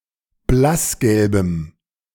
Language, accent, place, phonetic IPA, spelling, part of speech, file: German, Germany, Berlin, [ˈblasˌɡɛlbəm], blassgelbem, adjective, De-blassgelbem.ogg
- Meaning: strong dative masculine/neuter singular of blassgelb